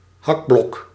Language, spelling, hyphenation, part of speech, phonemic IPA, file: Dutch, hakblok, hak‧blok, noun, /ˈɦɑk.blɔk/, Nl-hakblok.ogg
- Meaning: chopping block (for chopping wood or decapitating)